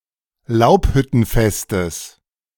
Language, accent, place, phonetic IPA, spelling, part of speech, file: German, Germany, Berlin, [ˈlaʊ̯phʏtn̩ˌfɛstəs], Laubhüttenfestes, noun, De-Laubhüttenfestes.ogg
- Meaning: genitive of Laubhüttenfest